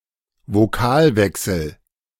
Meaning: vowel gradation; ablaut
- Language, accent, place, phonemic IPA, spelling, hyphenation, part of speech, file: German, Germany, Berlin, /voˈkaːlˌvɛksl̩/, Vokalwechsel, Vo‧kal‧wech‧sel, noun, De-Vokalwechsel.ogg